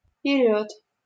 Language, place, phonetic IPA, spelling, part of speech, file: Russian, Saint Petersburg, [pʲɪˈrʲɵt], перёд, noun, LL-Q7737 (rus)-перёд.wav
- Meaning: front